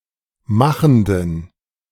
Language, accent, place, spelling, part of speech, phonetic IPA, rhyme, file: German, Germany, Berlin, machenden, adjective, [ˈmaxn̩dən], -axn̩dən, De-machenden.ogg
- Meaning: inflection of machend: 1. strong genitive masculine/neuter singular 2. weak/mixed genitive/dative all-gender singular 3. strong/weak/mixed accusative masculine singular 4. strong dative plural